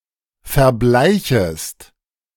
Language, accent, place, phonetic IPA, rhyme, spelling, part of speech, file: German, Germany, Berlin, [fɛɐ̯ˈblaɪ̯çəst], -aɪ̯çəst, verbleichest, verb, De-verbleichest.ogg
- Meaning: second-person singular subjunctive I of verbleichen